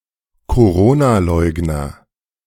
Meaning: alternative spelling of Coronaleugner
- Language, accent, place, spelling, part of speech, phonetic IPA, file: German, Germany, Berlin, Corona-Leugner, noun, [koˈʁoːnaˌlɔɪ̯ɡnɐ], De-Corona-Leugner.ogg